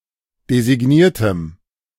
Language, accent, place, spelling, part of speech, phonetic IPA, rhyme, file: German, Germany, Berlin, designiertem, adjective, [dezɪˈɡniːɐ̯təm], -iːɐ̯təm, De-designiertem.ogg
- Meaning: strong dative masculine/neuter singular of designiert